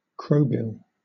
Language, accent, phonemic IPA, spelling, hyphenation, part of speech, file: English, Southern England, /ˈkɹəʊbɪl/, crowbill, crow‧bill, noun, LL-Q1860 (eng)-crowbill.wav
- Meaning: 1. A kind of forceps for extracting bullets, etc., from wounds 2. Synonym of bec de corbin (“poleaxe with a modified hammerhead and a spike mounted on the top of the pole”)